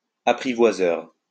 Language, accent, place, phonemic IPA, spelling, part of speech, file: French, France, Lyon, /a.pʁi.vwa.zœʁ/, apprivoiseur, noun, LL-Q150 (fra)-apprivoiseur.wav
- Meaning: tamer